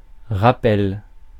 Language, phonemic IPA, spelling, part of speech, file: French, /ʁa.pɛl/, rappel, noun, Fr-rappel.ogg
- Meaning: 1. reminder 2. encore (at the end of a performance); curtain call 3. continuance of an existing speed limit 4. (A faulty product) subject to a recall 5. abseil